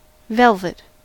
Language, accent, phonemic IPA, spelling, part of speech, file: English, US, /ˈvɛlvɪt/, velvet, noun / verb / adjective, En-us-velvet.ogg
- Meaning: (noun) 1. A closely woven fabric (originally of silk, now also of cotton or man-made fibres) with a thick short pile on one side 2. Very fine fur, including the skin and fur on a deer's antlers